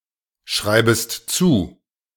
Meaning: second-person singular subjunctive I of zuschreiben
- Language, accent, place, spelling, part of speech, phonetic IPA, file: German, Germany, Berlin, schreibest zu, verb, [ˌʃʁaɪ̯bəst ˈt͡suː], De-schreibest zu.ogg